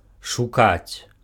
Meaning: to seek, to look for
- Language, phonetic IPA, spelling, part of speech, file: Belarusian, [ʂuˈkat͡sʲ], шукаць, verb, Be-шукаць.ogg